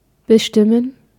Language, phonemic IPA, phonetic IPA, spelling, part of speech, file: German, /bəˈʃtɪmən/, [bəˈʃtɪmn̩], bestimmen, verb, De-bestimmen.ogg
- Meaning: to determine